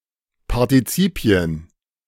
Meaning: plural of Partizip
- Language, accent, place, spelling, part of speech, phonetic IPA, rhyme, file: German, Germany, Berlin, Partizipien, noun, [paʁtiˈt͡siːpi̯ən], -iːpi̯ən, De-Partizipien.ogg